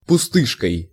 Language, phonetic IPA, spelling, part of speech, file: Russian, [pʊˈstɨʂkəj], пустышкой, noun, Ru-пустышкой.ogg
- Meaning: instrumental singular of пусты́шка (pustýška)